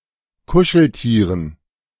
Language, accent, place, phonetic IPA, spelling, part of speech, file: German, Germany, Berlin, [ˈkʊʃl̩ˌtiːʁən], Kuscheltieren, noun, De-Kuscheltieren.ogg
- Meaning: dative plural of Kuscheltier